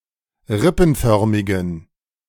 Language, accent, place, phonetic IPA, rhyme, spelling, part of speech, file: German, Germany, Berlin, [ˈʁɪpn̩ˌfœʁmɪɡn̩], -ɪpn̩fœʁmɪɡn̩, rippenförmigen, adjective, De-rippenförmigen.ogg
- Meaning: inflection of rippenförmig: 1. strong genitive masculine/neuter singular 2. weak/mixed genitive/dative all-gender singular 3. strong/weak/mixed accusative masculine singular 4. strong dative plural